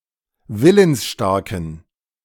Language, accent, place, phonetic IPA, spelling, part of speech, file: German, Germany, Berlin, [ˈvɪlənsˌʃtaʁkn̩], willensstarken, adjective, De-willensstarken.ogg
- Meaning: inflection of willensstark: 1. strong genitive masculine/neuter singular 2. weak/mixed genitive/dative all-gender singular 3. strong/weak/mixed accusative masculine singular 4. strong dative plural